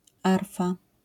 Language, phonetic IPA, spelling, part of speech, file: Polish, [ˈarfa], arfa, noun, LL-Q809 (pol)-arfa.wav